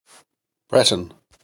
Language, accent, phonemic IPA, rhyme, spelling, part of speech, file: English, US, /ˈbɹɛtən/, -ɛtən, Breton, noun / adjective / proper noun, En-us-Breton.ogg
- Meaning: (noun) A native or inhabitant of the region of Brittany, France; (adjective) Of, from or relating to the region of Brittany, France; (proper noun) The Celtic language of Brittany